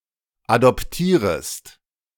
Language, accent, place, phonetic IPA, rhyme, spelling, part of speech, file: German, Germany, Berlin, [adɔpˈtiːʁəst], -iːʁəst, adoptierest, verb, De-adoptierest.ogg
- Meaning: second-person singular subjunctive I of adoptieren